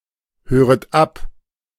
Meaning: second-person plural subjunctive I of abhören
- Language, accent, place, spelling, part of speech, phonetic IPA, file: German, Germany, Berlin, höret ab, verb, [ˌhøːʁət ˈap], De-höret ab.ogg